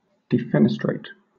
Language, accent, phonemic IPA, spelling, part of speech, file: English, Southern England, /dɪˈfɛnɪstɹeɪt/, defenestrate, verb, LL-Q1860 (eng)-defenestrate.wav
- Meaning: 1. To eject or throw (someone or something) from or through a window 2. To throw out; to remove or dismiss (someone) from a position of power or authority